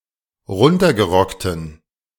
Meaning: inflection of runtergerockt: 1. strong genitive masculine/neuter singular 2. weak/mixed genitive/dative all-gender singular 3. strong/weak/mixed accusative masculine singular 4. strong dative plural
- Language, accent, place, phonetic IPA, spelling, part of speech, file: German, Germany, Berlin, [ˈʁʊntɐɡəˌʁɔktn̩], runtergerockten, adjective, De-runtergerockten.ogg